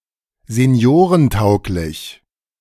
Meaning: suitable for the elderly
- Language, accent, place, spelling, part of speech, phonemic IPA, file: German, Germany, Berlin, seniorentauglich, adjective, /zeˈni̯oːʁənˌtaʊ̯klɪç/, De-seniorentauglich.ogg